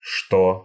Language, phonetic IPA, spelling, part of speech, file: Russian, [ʂto], што, conjunction / pronoun, Ru-што.ogg
- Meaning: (conjunction) misspelling of что (što)